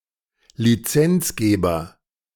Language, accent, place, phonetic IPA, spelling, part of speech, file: German, Germany, Berlin, [liˈt͡sɛnt͡sˌɡeːbɐ], Lizenzgeber, noun, De-Lizenzgeber.ogg
- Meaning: licensor